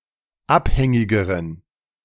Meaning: inflection of abhängig: 1. strong genitive masculine/neuter singular comparative degree 2. weak/mixed genitive/dative all-gender singular comparative degree
- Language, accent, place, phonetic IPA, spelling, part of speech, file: German, Germany, Berlin, [ˈapˌhɛŋɪɡəʁən], abhängigeren, adjective, De-abhängigeren.ogg